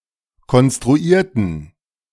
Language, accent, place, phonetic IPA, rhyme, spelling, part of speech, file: German, Germany, Berlin, [kɔnstʁuˈiːɐ̯tn̩], -iːɐ̯tn̩, konstruierten, adjective / verb, De-konstruierten.ogg
- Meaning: inflection of konstruiert: 1. strong genitive masculine/neuter singular 2. weak/mixed genitive/dative all-gender singular 3. strong/weak/mixed accusative masculine singular 4. strong dative plural